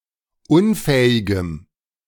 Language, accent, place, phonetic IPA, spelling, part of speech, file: German, Germany, Berlin, [ˈʊnˌfɛːɪɡəm], unfähigem, adjective, De-unfähigem.ogg
- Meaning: strong dative masculine/neuter singular of unfähig